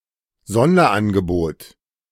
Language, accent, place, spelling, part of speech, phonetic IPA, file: German, Germany, Berlin, Sonderangebot, noun, [ˈzɔndɐʔanɡəˌboːt], De-Sonderangebot.ogg
- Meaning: bargain